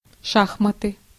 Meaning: chess (two-player board game)
- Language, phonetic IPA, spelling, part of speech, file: Russian, [ˈʂaxmətɨ], шахматы, noun, Ru-шахматы.ogg